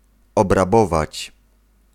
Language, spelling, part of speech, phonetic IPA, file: Polish, obrabować, verb, [ˌɔbraˈbɔvat͡ɕ], Pl-obrabować.ogg